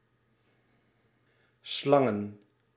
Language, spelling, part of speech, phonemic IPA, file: Dutch, slangen, noun, /ˈslɑŋə(n)/, Nl-slangen.ogg
- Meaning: plural of slang